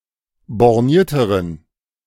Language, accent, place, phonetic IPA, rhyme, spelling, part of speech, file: German, Germany, Berlin, [bɔʁˈniːɐ̯təʁən], -iːɐ̯təʁən, bornierteren, adjective, De-bornierteren.ogg
- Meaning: inflection of borniert: 1. strong genitive masculine/neuter singular comparative degree 2. weak/mixed genitive/dative all-gender singular comparative degree